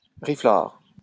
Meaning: 1. a carpenter's plane, a scrub plane 2. a mason's chisel 3. an umbrella
- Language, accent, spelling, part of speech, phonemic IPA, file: French, France, riflard, noun, /ʁi.flaʁ/, LL-Q150 (fra)-riflard.wav